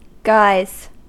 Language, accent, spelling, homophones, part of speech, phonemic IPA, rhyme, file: English, US, guise, guys, noun / verb, /ˈɡaɪz/, -aɪz, En-us-guise.ogg
- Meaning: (noun) A customary way of speaking or acting; a fashion, a manner, a practice (often used formerly in such phrases as "at his own guise"; that is, in his own fashion, to suit himself.)